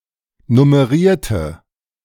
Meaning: inflection of nummerieren: 1. first/third-person singular preterite 2. first/third-person singular subjunctive II
- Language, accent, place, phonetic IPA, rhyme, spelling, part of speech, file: German, Germany, Berlin, [nʊməˈʁiːɐ̯tə], -iːɐ̯tə, nummerierte, adjective / verb, De-nummerierte.ogg